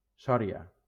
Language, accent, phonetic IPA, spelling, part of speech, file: Catalan, Valencia, [ˈsɔ.ɾi.a], Sòria, proper noun, LL-Q7026 (cat)-Sòria.wav
- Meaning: 1. Soria (a province of Castile and León, Spain) 2. Soria (a city in Soria, Castile and León, Spain)